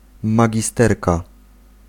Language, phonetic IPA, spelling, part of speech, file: Polish, [ˌmaɟiˈstɛrka], magisterka, noun, Pl-magisterka.ogg